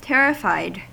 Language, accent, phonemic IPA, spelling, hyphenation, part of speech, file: English, US, /ˈtɛɹɪfaɪd/, terrified, ter‧ri‧fied, adjective / verb, En-us-terrified.ogg
- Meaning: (adjective) Extremely frightened; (verb) simple past and past participle of terrify